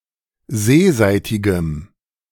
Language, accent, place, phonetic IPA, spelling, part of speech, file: German, Germany, Berlin, [ˈzeːˌzaɪ̯tɪɡəm], seeseitigem, adjective, De-seeseitigem.ogg
- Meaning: strong dative masculine/neuter singular of seeseitig